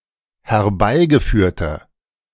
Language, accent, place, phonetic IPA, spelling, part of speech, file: German, Germany, Berlin, [hɛɐ̯ˈbaɪ̯ɡəˌfyːɐ̯tɐ], herbeigeführter, adjective, De-herbeigeführter.ogg
- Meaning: inflection of herbeigeführt: 1. strong/mixed nominative masculine singular 2. strong genitive/dative feminine singular 3. strong genitive plural